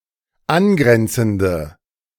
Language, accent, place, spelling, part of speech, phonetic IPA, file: German, Germany, Berlin, angrenzende, adjective, [ˈanˌɡʁɛnt͡sn̩də], De-angrenzende.ogg
- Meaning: inflection of angrenzend: 1. strong/mixed nominative/accusative feminine singular 2. strong nominative/accusative plural 3. weak nominative all-gender singular